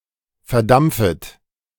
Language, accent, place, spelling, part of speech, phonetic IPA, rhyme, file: German, Germany, Berlin, verdampfet, verb, [fɛɐ̯ˈdamp͡fət], -amp͡fət, De-verdampfet.ogg
- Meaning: second-person plural subjunctive I of verdampfen